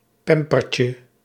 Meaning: diminutive of pamper
- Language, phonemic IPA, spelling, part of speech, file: Dutch, /ˈpɛmpərcə/, pampertje, noun, Nl-pampertje.ogg